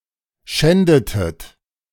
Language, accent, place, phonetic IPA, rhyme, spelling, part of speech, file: German, Germany, Berlin, [ˈʃɛndətət], -ɛndətət, schändetet, verb, De-schändetet.ogg
- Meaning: inflection of schänden: 1. second-person plural preterite 2. second-person plural subjunctive II